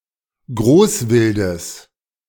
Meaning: genitive of Großwild
- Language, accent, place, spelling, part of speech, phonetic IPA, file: German, Germany, Berlin, Großwildes, noun, [ˈɡʁoːsˌvɪldəs], De-Großwildes.ogg